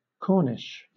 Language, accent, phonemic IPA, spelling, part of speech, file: English, Southern England, /ˈkɔː.nɪʃ/, Cornish, adjective / noun / proper noun, LL-Q1860 (eng)-Cornish.wav
- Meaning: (adjective) 1. Of or pertaining to Cornwall, a county of southwest England 2. Native to Cornwall 3. Of or pertaining to the Cornish language; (noun) The inhabitants of Cornwall, especially native-born